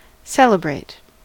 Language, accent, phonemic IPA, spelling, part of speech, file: English, US, /ˈsɛl.ə.bɹeɪt/, celebrate, verb, En-us-celebrate.ogg
- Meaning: 1. To extol or honour in a solemn manner 2. To honour by rites, by ceremonies of joy and respect, or by refraining from ordinary business; to observe duly